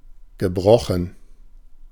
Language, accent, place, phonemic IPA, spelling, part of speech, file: German, Germany, Berlin, /ɡəˈbʁɔxn̩/, gebrochen, verb / adjective, De-gebrochen.ogg
- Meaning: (verb) past participle of brechen; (adjective) 1. broken 2. fractional 3. blackletter